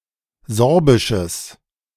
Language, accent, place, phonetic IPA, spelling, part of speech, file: German, Germany, Berlin, [ˈzɔʁbɪʃəs], sorbisches, adjective, De-sorbisches.ogg
- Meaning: strong/mixed nominative/accusative neuter singular of sorbisch